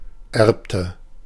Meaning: inflection of erben: 1. first/third-person singular preterite 2. first/third-person singular subjunctive II
- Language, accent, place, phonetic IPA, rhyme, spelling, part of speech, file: German, Germany, Berlin, [ˈɛʁptə], -ɛʁptə, erbte, verb, De-erbte.ogg